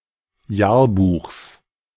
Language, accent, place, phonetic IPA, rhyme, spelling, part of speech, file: German, Germany, Berlin, [ˈjaːɐ̯ˌbuːxs], -aːɐ̯buːxs, Jahrbuchs, noun, De-Jahrbuchs.ogg
- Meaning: genitive singular of Jahrbuch